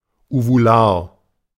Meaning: uvular
- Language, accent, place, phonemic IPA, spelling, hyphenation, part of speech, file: German, Germany, Berlin, /uvuˈlaːɐ̯/, uvular, uvu‧lar, adjective, De-uvular.ogg